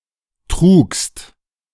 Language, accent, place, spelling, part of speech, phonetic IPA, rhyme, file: German, Germany, Berlin, trugst, verb, [tʁuːkst], -uːkst, De-trugst.ogg
- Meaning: second-person singular preterite of tragen